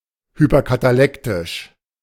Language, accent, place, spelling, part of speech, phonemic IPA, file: German, Germany, Berlin, hyperkatalektisch, adjective, /hypɐkataˈlɛktɪʃ/, De-hyperkatalektisch.ogg
- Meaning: hypercatalectic